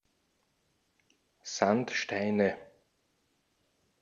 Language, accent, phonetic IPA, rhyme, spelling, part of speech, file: German, Austria, [ˈzantˌʃtaɪ̯nə], -antʃtaɪ̯nə, Sandsteine, noun, De-at-Sandsteine.ogg
- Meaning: nominative/accusative/genitive plural of Sandstein